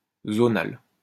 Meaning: zonal
- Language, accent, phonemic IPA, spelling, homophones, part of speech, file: French, France, /zɔ.nal/, zonal, zonale / zonales, adjective, LL-Q150 (fra)-zonal.wav